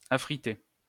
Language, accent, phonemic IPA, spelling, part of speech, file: French, France, /a.fʁi.te/, affriter, verb, LL-Q150 (fra)-affriter.wav
- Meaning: to condition a frying pan (etc) before its first use by heating with some fat